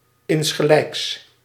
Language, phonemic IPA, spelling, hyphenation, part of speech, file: Dutch, /ˌɪnsxəˈlɛiks/, insgelijks, ins‧ge‧lijks, adverb / interjection, Nl-insgelijks.ogg
- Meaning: likewise (said in reply to a well-wish)